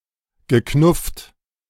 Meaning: past participle of knuffen
- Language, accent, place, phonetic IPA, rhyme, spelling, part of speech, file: German, Germany, Berlin, [ɡəˈknʊft], -ʊft, geknufft, verb, De-geknufft.ogg